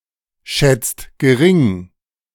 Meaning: inflection of geringschätzen: 1. second-person singular/plural present 2. third-person singular present 3. plural imperative
- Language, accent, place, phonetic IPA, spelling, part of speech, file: German, Germany, Berlin, [ˌʃɛt͡st ɡəˈʁɪŋ], schätzt gering, verb, De-schätzt gering.ogg